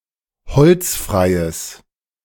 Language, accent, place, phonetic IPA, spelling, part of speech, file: German, Germany, Berlin, [ˈhɔlt͡sˌfʁaɪ̯əs], holzfreies, adjective, De-holzfreies.ogg
- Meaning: strong/mixed nominative/accusative neuter singular of holzfrei